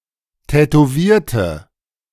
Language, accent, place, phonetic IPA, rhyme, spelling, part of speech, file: German, Germany, Berlin, [tɛtoˈviːɐ̯tə], -iːɐ̯tə, tätowierte, adjective / verb, De-tätowierte.ogg
- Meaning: inflection of tätowieren: 1. first/third-person singular preterite 2. first/third-person singular subjunctive II